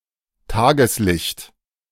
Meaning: daylight (light from the sun)
- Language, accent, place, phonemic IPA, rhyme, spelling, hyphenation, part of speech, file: German, Germany, Berlin, /ˈtaːɡəslɪçt/, -ɪçt, Tageslicht, Ta‧ges‧licht, noun, De-Tageslicht.ogg